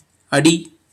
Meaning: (noun) 1. foot 2. step, pace 3. plan of action 4. measure of foot, 12" 5. footprint 6. base, bottom 7. lowest part or point of something; bottom-end 8. stand, support, foundation
- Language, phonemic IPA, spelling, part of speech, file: Tamil, /ɐɖiː/, அடி, noun / verb / interjection, Ta-அடி.oga